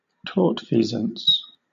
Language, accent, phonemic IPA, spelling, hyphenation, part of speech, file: English, Southern England, /ˈtɔːtˌfiːzəns/, tortfeasance, tort‧fea‧sance, noun, LL-Q1860 (eng)-tortfeasance.wav
- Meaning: The condition, or an act, of doing wrong; the act of committing a tort